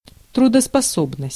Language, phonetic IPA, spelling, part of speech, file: Russian, [trʊdəspɐˈsobnəsʲtʲ], трудоспособность, noun, Ru-трудоспособность.ogg
- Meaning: ability to work (a certain amount and quality)